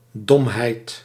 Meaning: stupidity, dumbness
- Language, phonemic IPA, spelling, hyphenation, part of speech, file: Dutch, /ˈdɔm.ɦɛi̯t/, domheid, dom‧heid, noun, Nl-domheid.ogg